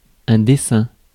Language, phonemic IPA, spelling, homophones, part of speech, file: French, /de.sɛ̃/, dessein, dessin, noun, Fr-dessein.ogg
- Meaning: intention; plan; design